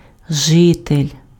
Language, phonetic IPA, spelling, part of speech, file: Ukrainian, [ˈʒɪtelʲ], житель, noun, Uk-житель.ogg
- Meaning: resident, inhabitant, dweller